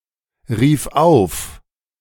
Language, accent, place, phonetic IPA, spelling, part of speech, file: German, Germany, Berlin, [ˌʁiːf ˈaʊ̯f], rief auf, verb, De-rief auf.ogg
- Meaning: first/third-person singular preterite of aufrufen